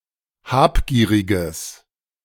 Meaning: strong/mixed nominative/accusative neuter singular of habgierig
- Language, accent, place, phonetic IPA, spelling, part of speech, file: German, Germany, Berlin, [ˈhaːpˌɡiːʁɪɡəs], habgieriges, adjective, De-habgieriges.ogg